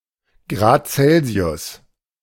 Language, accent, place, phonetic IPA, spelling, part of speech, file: German, Germany, Berlin, [ˌɡʁaːt ˈt͡sɛlzi̯ʊs], Grad Celsius, noun, De-Grad Celsius.ogg
- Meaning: degree Celsius